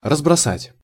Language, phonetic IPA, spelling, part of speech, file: Russian, [rəzbrɐˈsatʲ], разбросать, verb, Ru-разбросать.ogg
- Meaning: to scatter, to throw about, to strew